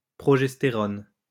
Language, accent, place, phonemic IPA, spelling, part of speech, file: French, France, Lyon, /pʁɔ.ʒɛs.te.ʁɔn/, progestérone, noun, LL-Q150 (fra)-progestérone.wav
- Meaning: progesterone